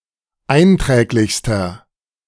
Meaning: inflection of einträglich: 1. strong/mixed nominative masculine singular superlative degree 2. strong genitive/dative feminine singular superlative degree 3. strong genitive plural superlative degree
- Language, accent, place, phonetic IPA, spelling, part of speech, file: German, Germany, Berlin, [ˈaɪ̯nˌtʁɛːklɪçstɐ], einträglichster, adjective, De-einträglichster.ogg